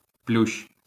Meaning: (noun) ivy (plant of the genus Hedera); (verb) second-person singular imperative of плю́щити (pljúščyty)
- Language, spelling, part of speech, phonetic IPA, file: Ukrainian, плющ, noun / verb, [plʲuʃt͡ʃ], LL-Q8798 (ukr)-плющ.wav